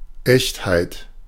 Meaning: authenticity
- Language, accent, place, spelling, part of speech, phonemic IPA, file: German, Germany, Berlin, Echtheit, noun, /ˈɛçthaɪ̯t/, De-Echtheit.ogg